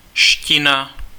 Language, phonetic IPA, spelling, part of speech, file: Czech, [ ʃcɪna], -ština, suffix, Cs-ština.ogg
- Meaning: -ese, -ic, -an, -ish (a language or dialect)